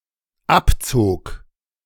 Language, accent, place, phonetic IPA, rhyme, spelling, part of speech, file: German, Germany, Berlin, [ˈapˌt͡soːk], -apt͡soːk, abzog, verb, De-abzog.ogg
- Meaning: first/third-person singular dependent preterite of abziehen